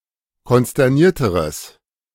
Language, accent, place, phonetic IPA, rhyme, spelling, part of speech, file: German, Germany, Berlin, [kɔnstɛʁˈniːɐ̯təʁəs], -iːɐ̯təʁəs, konsternierteres, adjective, De-konsternierteres.ogg
- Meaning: strong/mixed nominative/accusative neuter singular comparative degree of konsterniert